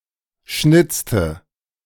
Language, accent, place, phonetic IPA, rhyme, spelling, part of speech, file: German, Germany, Berlin, [ˈʃnɪt͡stə], -ɪt͡stə, schnitzte, verb, De-schnitzte.ogg
- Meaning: inflection of schnitzen: 1. first/third-person singular preterite 2. first/third-person singular subjunctive II